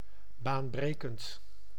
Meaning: revolutionary, earthshaking (very innovative and important)
- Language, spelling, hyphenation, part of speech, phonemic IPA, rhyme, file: Dutch, baanbrekend, baan‧bre‧kend, adjective, /ˌbaːnˈbreː.kənt/, -eːkənt, Nl-baanbrekend.ogg